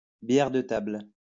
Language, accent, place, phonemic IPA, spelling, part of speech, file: French, France, Lyon, /bjɛʁ də tabl/, bière de table, noun, LL-Q150 (fra)-bière de table.wav
- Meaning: small beer, table beer